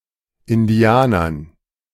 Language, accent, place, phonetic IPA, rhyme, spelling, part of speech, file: German, Germany, Berlin, [ɪnˈdi̯aːnɐn], -aːnɐn, Indianern, noun, De-Indianern.ogg
- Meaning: dative plural of Indianer